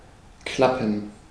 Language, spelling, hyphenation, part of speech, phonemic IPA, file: German, klappen, klap‧pen, verb, /ˈklapən/, De-klappen.ogg
- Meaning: 1. to clap (make a soft clapping sound, particularly of something being closed) 2. to fold; to flip; to bend (to close or open a hinge) 3. to work out, to succeed, to function correctly, etc